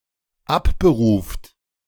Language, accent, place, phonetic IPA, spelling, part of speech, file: German, Germany, Berlin, [ˈapbəˌʁuːft], abberuft, verb, De-abberuft.ogg
- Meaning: inflection of abberufen: 1. third-person singular dependent present 2. second-person plural dependent present